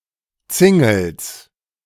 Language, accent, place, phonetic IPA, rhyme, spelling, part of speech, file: German, Germany, Berlin, [ˈt͡sɪŋl̩s], -ɪŋl̩s, Zingels, noun, De-Zingels.ogg
- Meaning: genitive of Zingel